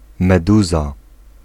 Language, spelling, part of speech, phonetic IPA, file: Polish, meduza, noun, [mɛˈduza], Pl-meduza.ogg